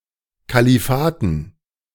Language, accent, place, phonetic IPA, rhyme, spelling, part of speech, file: German, Germany, Berlin, [kaliˈfaːtn̩], -aːtn̩, Kalifaten, noun, De-Kalifaten.ogg
- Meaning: dative plural of Kalifat